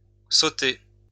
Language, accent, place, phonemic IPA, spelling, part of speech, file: French, France, Lyon, /so.te/, sautée, verb, LL-Q150 (fra)-sautée.wav
- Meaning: feminine singular of sauté